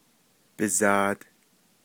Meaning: his words, speech, language
- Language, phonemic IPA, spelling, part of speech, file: Navajo, /pɪ̀zɑ̀ːt/, bizaad, noun, Nv-bizaad.ogg